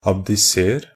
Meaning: imperative of abdisere
- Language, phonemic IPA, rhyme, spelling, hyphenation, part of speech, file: Norwegian Bokmål, /abdɪˈseːr/, -eːr, abdiser, ab‧di‧ser, verb, NB - Pronunciation of Norwegian Bokmål «abdiser».ogg